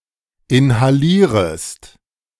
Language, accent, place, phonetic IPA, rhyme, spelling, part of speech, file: German, Germany, Berlin, [ɪnhaˈliːʁəst], -iːʁəst, inhalierest, verb, De-inhalierest.ogg
- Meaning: second-person singular subjunctive I of inhalieren